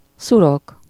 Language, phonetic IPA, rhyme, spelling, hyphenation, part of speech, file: Hungarian, [ˈsurok], -ok, szurok, szu‧rok, noun, Hu-szurok.ogg
- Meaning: pitch (dark, extremely viscous material made by distilling tar)